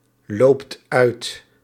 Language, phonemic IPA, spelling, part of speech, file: Dutch, /ˈlopt ˈœyt/, loopt uit, verb, Nl-loopt uit.ogg
- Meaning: inflection of uitlopen: 1. second/third-person singular present indicative 2. plural imperative